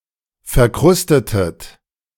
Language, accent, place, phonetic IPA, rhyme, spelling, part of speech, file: German, Germany, Berlin, [fɛɐ̯ˈkʁʊstətət], -ʊstətət, verkrustetet, verb, De-verkrustetet.ogg
- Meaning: inflection of verkrusten: 1. second-person plural preterite 2. second-person plural subjunctive II